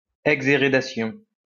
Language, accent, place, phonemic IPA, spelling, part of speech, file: French, France, Lyon, /ɛɡ.ze.ʁe.da.sjɔ̃/, exhérédation, noun, LL-Q150 (fra)-exhérédation.wav
- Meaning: disinheritance